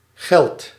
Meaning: inflection of gelden: 1. second/third-person singular present indicative 2. plural imperative
- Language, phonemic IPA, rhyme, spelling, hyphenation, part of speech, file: Dutch, /ɣɛlt/, -ɛlt, geldt, geldt, verb, Nl-geldt.ogg